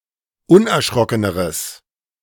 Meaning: strong/mixed nominative/accusative neuter singular comparative degree of unerschrocken
- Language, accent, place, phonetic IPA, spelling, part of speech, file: German, Germany, Berlin, [ˈʊnʔɛɐ̯ˌʃʁɔkənəʁəs], unerschrockeneres, adjective, De-unerschrockeneres.ogg